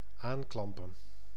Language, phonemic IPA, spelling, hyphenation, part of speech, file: Dutch, /ˈaːnˌklɑm.pə(n)/, aanklampen, aan‧klam‧pen, verb, Nl-aanklampen.ogg
- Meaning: 1. to accost; to approach and address, usually in an unpleasant fashion 2. to cling to, to hold fast